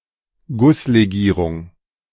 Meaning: casting alloy
- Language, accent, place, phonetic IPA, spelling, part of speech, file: German, Germany, Berlin, [ˈɡʊsleˌɡiːʁʊŋ], Gusslegierung, noun, De-Gusslegierung.ogg